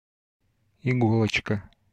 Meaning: diminutive of иго́лка (igólka), diminutive of игла́ (iglá)
- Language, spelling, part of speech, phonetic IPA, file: Russian, иголочка, noun, [ɪˈɡoɫət͡ɕkə], Ru-иголочка.ogg